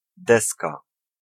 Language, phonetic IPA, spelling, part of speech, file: Polish, [ˈdɛska], deska, noun, Pl-deska.ogg